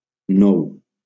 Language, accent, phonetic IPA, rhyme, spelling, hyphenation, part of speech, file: Catalan, Valencia, [ˈnɔw], -ɔw, nou, nou, adjective / numeral / noun / verb, LL-Q7026 (cat)-nou.wav
- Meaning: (adjective) new; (numeral) nine; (noun) 1. nut (a hard-shelled seed) 2. walnut; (verb) inflection of noure: 1. third-person singular present indicative 2. second-person singular imperative